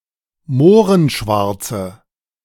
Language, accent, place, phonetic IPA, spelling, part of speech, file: German, Germany, Berlin, [ˈmoːʁənˌʃvaʁt͡sə], mohrenschwarze, adjective, De-mohrenschwarze.ogg
- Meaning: inflection of mohrenschwarz: 1. strong/mixed nominative/accusative feminine singular 2. strong nominative/accusative plural 3. weak nominative all-gender singular